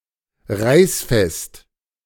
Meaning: tear-resistant
- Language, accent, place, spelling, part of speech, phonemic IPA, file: German, Germany, Berlin, reißfest, adjective, /ˈʁaɪ̯sˌfɛst/, De-reißfest.ogg